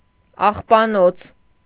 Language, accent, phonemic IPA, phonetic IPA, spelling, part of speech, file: Armenian, Eastern Armenian, /ɑχpɑˈnot͡sʰ/, [ɑχpɑnót͡sʰ], աղբանոց, noun, Hy-աղբանոց.ogg
- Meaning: 1. dump 2. dirty, filthy place